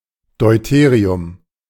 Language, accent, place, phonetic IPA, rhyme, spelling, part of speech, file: German, Germany, Berlin, [dɔɪ̯ˈteːʁiʊm], -eːʁiʊm, Deuterium, noun, De-Deuterium.ogg
- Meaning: deuterium (isotope of hydrogen)